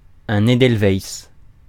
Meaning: edelweiss, Leontopodium alpinum
- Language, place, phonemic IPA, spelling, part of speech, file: French, Paris, /e.dɛl.vajs/, edelweiss, noun, Fr-edelweiss.ogg